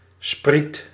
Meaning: 1. long, narrow shoot from a plant; blade (of grass or corn), sprig 2. sprit 3. antenna 4. lignite
- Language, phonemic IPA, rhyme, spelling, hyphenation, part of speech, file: Dutch, /sprit/, -it, spriet, spriet, noun, Nl-spriet.ogg